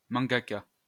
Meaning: a mangaka
- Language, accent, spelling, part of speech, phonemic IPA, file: French, France, mangaka, noun, /mɑ̃.ɡa.ka/, LL-Q150 (fra)-mangaka.wav